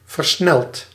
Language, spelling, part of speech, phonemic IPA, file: Dutch, versneld, adjective / verb, /vərˈsnɛlt/, Nl-versneld.ogg
- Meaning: past participle of versnellen